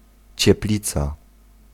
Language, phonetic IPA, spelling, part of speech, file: Polish, [t͡ɕɛˈplʲit͡sa], cieplica, noun, Pl-cieplica.ogg